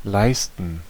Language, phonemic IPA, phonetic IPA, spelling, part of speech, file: German, /ˈlaɪ̯stn̩/, [ˈlaɪ̯stən], leisten, verb, De-leisten.ogg
- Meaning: 1. to perform (a task, work), to accomplish (a task), to achieve (a goal) 2. to provide (aid, service) 3. to afford, to pay for